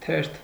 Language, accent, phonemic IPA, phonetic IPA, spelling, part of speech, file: Armenian, Eastern Armenian, /tʰeɾtʰ/, [tʰeɾtʰ], թերթ, noun, Hy-թերթ.ogg
- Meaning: 1. petal 2. leaf 3. sheet 4. newspaper